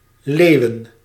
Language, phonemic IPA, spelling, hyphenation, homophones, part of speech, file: Dutch, /ˈleːu̯.ə(n)/, leeuwen, leeuw‧en, Leeuwen, noun, Nl-leeuwen.ogg
- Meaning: plural of leeuw